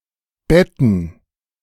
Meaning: to bed (place in a bed)
- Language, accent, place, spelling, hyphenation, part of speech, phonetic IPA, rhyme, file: German, Germany, Berlin, betten, bet‧ten, verb, [ˈbɛtn̩], -ɛtn̩, De-betten.ogg